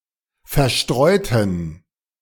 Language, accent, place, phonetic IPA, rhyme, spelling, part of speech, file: German, Germany, Berlin, [fɛɐ̯ˈʃtʁɔɪ̯tn̩], -ɔɪ̯tn̩, verstreuten, adjective / verb, De-verstreuten.ogg
- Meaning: inflection of verstreuen: 1. first/third-person plural preterite 2. first/third-person plural subjunctive II